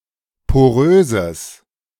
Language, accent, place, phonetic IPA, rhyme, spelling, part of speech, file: German, Germany, Berlin, [poˈʁøːzəs], -øːzəs, poröses, adjective, De-poröses.ogg
- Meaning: strong/mixed nominative/accusative neuter singular of porös